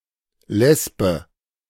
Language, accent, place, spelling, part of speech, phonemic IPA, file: German, Germany, Berlin, Lesbe, noun, /ˈlɛspə/, De-Lesbe.ogg
- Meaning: lesbian